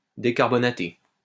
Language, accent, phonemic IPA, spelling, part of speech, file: French, France, /de.kaʁ.bɔ.na.te/, décarbonaté, verb / adjective, LL-Q150 (fra)-décarbonaté.wav
- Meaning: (verb) past participle of décarbonater; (adjective) decarbonated